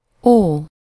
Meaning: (adjective) old, ancient, antique; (interjection) oh!; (verb) alternative form of óv (“to protect, to guard”)
- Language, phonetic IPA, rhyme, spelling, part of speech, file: Hungarian, [ˈoː], -oː, ó, adjective / interjection / verb / character, Hu-ó.ogg